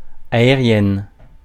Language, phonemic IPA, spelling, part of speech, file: French, /a.e.ʁjɛn/, aérienne, adjective, Fr-aérienne.ogg
- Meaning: feminine singular of aérien